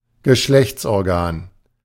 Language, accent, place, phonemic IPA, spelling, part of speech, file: German, Germany, Berlin, /ɡəˈʃlɛçtsʔɔʁˌɡaːn/, Geschlechtsorgan, noun, De-Geschlechtsorgan.ogg
- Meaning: sex organ (organ used in sexual reproduction)